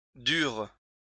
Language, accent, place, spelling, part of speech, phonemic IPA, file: French, France, Lyon, durent, verb, /dyʁ/, LL-Q150 (fra)-durent.wav
- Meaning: 1. third-person plural present indicative/subjunctive of durer 2. third-person plural past historic of devoir